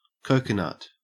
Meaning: A fruit of the coconut palm (not a true nut), Cocos nucifera, having a fibrous husk surrounding a large seed
- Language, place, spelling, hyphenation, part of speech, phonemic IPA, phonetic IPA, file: English, Queensland, coconut, co‧co‧nut, noun, /ˈkəʉ.kə.nɐt/, [ˈkʰəʉ̯.kə.nɐt], En-au-coconut.ogg